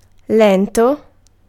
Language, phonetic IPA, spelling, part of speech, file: Italian, [ˈlɛnto], lento, adjective, It-lento.ogg